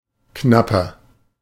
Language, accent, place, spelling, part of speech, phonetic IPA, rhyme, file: German, Germany, Berlin, knapper, adjective, [ˈknapɐ], -apɐ, De-knapper.ogg
- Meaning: 1. comparative degree of knapp 2. inflection of knapp: strong/mixed nominative masculine singular 3. inflection of knapp: strong genitive/dative feminine singular